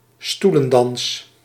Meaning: musical chairs
- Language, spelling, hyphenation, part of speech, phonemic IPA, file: Dutch, stoelendans, stoe‧len‧dans, noun, /ˈstu.lə(n)ˌdɑns/, Nl-stoelendans.ogg